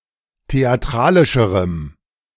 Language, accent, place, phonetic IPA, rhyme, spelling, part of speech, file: German, Germany, Berlin, [teaˈtʁaːlɪʃəʁəm], -aːlɪʃəʁəm, theatralischerem, adjective, De-theatralischerem.ogg
- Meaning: strong dative masculine/neuter singular comparative degree of theatralisch